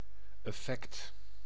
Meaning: 1. effect 2. security, notably bond or stock 3. spin (rotation of a ball) 4. personal effect, belonging
- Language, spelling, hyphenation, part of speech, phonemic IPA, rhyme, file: Dutch, effect, ef‧fect, noun, /ɛˈfɛkt/, -ɛkt, Nl-effect.ogg